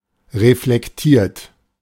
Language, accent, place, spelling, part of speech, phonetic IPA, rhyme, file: German, Germany, Berlin, reflektiert, verb, [ʁeflɛkˈtiːɐ̯t], -iːɐ̯t, De-reflektiert.ogg
- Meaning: 1. past participle of reflektieren 2. inflection of reflektieren: third-person singular present 3. inflection of reflektieren: second-person plural present